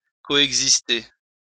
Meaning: to coexist
- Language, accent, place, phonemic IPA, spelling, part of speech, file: French, France, Lyon, /kɔ.ɛɡ.zis.te/, coexister, verb, LL-Q150 (fra)-coexister.wav